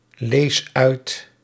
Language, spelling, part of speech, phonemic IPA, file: Dutch, lees uit, verb, /ˈles ˈœyt/, Nl-lees uit.ogg
- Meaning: inflection of uitlezen: 1. first-person singular present indicative 2. second-person singular present indicative 3. imperative